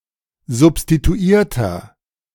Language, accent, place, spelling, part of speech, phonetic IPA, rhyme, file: German, Germany, Berlin, substituierter, adjective, [zʊpstituˈiːɐ̯tɐ], -iːɐ̯tɐ, De-substituierter.ogg
- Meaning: inflection of substituiert: 1. strong/mixed nominative masculine singular 2. strong genitive/dative feminine singular 3. strong genitive plural